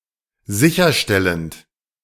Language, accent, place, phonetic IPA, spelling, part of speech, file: German, Germany, Berlin, [ˈzɪçɐˌʃtɛlənt], sicherstellend, verb, De-sicherstellend.ogg
- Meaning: present participle of sicherstellen